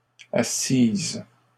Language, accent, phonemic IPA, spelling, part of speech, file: French, Canada, /a.sis/, assisses, verb, LL-Q150 (fra)-assisses.wav
- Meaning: second-person singular imperfect subjunctive of asseoir